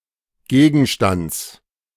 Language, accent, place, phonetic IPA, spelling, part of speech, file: German, Germany, Berlin, [ˈɡeːɡn̩ʃtant͡s], Gegenstands, noun, De-Gegenstands.ogg
- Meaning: genitive singular of Gegenstand